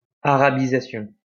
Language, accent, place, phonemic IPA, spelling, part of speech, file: French, France, Lyon, /a.ʁa.bi.za.sjɔ̃/, arabisation, noun, LL-Q150 (fra)-arabisation.wav
- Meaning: Arabization